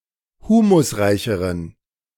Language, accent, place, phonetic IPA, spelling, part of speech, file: German, Germany, Berlin, [ˈhuːmʊsˌʁaɪ̯çəʁən], humusreicheren, adjective, De-humusreicheren.ogg
- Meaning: inflection of humusreich: 1. strong genitive masculine/neuter singular comparative degree 2. weak/mixed genitive/dative all-gender singular comparative degree